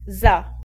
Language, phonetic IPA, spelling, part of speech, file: Polish, [za], za, preposition / adverb / particle / adjective, Pl-za.ogg